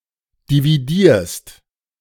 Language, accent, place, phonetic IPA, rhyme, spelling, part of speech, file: German, Germany, Berlin, [diviˈdiːɐ̯st], -iːɐ̯st, dividierst, verb, De-dividierst.ogg
- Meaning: second-person singular present of dividieren